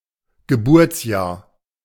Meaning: year of birth
- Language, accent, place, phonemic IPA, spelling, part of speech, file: German, Germany, Berlin, /ɡəˈbuːɐ̯t͡sjaːɐ̯/, Geburtsjahr, noun, De-Geburtsjahr.ogg